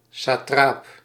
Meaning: satrap (Persian provincial governor)
- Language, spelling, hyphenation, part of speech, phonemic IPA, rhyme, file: Dutch, satraap, sa‧traap, noun, /saːˈtraːp/, -aːp, Nl-satraap.ogg